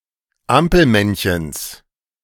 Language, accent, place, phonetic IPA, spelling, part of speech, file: German, Germany, Berlin, [ˈampl̩ˌmɛnçəns], Ampelmännchens, noun, De-Ampelmännchens.ogg
- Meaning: genitive singular of Ampelmännchen